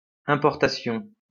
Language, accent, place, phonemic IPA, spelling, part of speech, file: French, France, Lyon, /ɛ̃.pɔʁ.ta.sjɔ̃/, importation, noun, LL-Q150 (fra)-importation.wav
- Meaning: importation